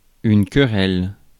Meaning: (noun) quarrel, argument; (verb) inflection of quereller: 1. first/third-person singular present indicative/subjunctive 2. second-person singular imperative
- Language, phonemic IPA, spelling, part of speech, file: French, /kə.ʁɛl/, querelle, noun / verb, Fr-querelle.ogg